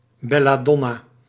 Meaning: synonym of wolfskers (“deadly nightshade (Atropa belladonna)”)
- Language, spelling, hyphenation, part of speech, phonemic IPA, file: Dutch, belladonna, bel‧la‧don‧na, noun, /ˌbɛ.laːˈdɔ.naː/, Nl-belladonna.ogg